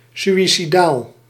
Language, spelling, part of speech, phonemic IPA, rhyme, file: Dutch, suïcidaal, adjective, /ˌsy.i.siˈdaːl/, -aːl, Nl-suïcidaal.ogg
- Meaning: suicidal